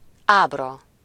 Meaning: 1. figure, illustration, graph (a drawing or diagram conveying information) 2. diagram 3. situation 4. facial expression
- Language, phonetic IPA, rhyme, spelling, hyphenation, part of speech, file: Hungarian, [ˈaːbrɒ], -rɒ, ábra, áb‧ra, noun, Hu-ábra.ogg